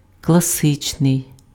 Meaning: classical
- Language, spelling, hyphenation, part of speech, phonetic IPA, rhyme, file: Ukrainian, класичний, кла‧си‧чний, adjective, [kɫɐˈsɪt͡ʃnei̯], -ɪt͡ʃnei̯, Uk-класичний.ogg